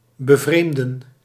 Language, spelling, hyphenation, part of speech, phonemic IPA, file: Dutch, bevreemden, be‧vreem‧den, verb, /bəˈvreːmdə(n)/, Nl-bevreemden.ogg
- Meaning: to surprise, to astonish